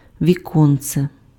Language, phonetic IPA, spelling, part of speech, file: Ukrainian, [ʋʲiˈkɔnt͡se], віконце, noun, Uk-віконце.ogg
- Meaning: diminutive of вікно́ (viknó): a small window